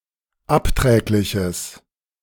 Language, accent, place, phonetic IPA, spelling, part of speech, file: German, Germany, Berlin, [ˈapˌtʁɛːklɪçəs], abträgliches, adjective, De-abträgliches.ogg
- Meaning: strong/mixed nominative/accusative neuter singular of abträglich